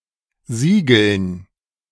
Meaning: dative plural of Siegel
- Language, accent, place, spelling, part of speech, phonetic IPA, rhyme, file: German, Germany, Berlin, Siegeln, noun, [ˈziːɡl̩n], -iːɡl̩n, De-Siegeln.ogg